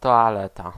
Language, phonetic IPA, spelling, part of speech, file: Polish, [ˌtɔaˈlɛta], toaleta, noun, Pl-toaleta.ogg